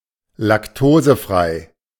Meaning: lactose-free
- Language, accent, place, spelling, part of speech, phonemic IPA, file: German, Germany, Berlin, laktosefrei, adjective, /lakˈtoːzəˌfʁaɪ̯/, De-laktosefrei.ogg